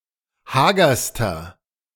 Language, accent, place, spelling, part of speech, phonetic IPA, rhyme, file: German, Germany, Berlin, hagerster, adjective, [ˈhaːɡɐstɐ], -aːɡɐstɐ, De-hagerster.ogg
- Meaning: inflection of hager: 1. strong/mixed nominative masculine singular superlative degree 2. strong genitive/dative feminine singular superlative degree 3. strong genitive plural superlative degree